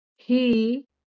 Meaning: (pronoun) 1. feminine singular direct of हा (hā) 2. neuter plural direct of हे (he); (particle) also, too
- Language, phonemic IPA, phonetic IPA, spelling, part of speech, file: Marathi, /ɦi/, [ɦiː], ही, pronoun / particle, LL-Q1571 (mar)-ही.wav